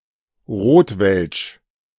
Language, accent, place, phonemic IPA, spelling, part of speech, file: German, Germany, Berlin, /ˈʁoːtvɛlʃ/, rotwelsch, adjective, De-rotwelsch.ogg
- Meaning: Rotwelsch